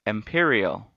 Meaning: 1. Pertaining to the highest heaven or the empyrean 2. Of the sky or heavens 3. Fiery, made of pure fire
- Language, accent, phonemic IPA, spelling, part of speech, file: English, US, /ɛmˈpɪɹ.i.əl/, empyreal, adjective, En-us-empyreal.ogg